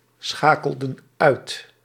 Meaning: inflection of uitschakelen: 1. plural past indicative 2. plural past subjunctive
- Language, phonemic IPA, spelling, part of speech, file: Dutch, /ˈsxakəldə(n) ˈœyt/, schakelden uit, verb, Nl-schakelden uit.ogg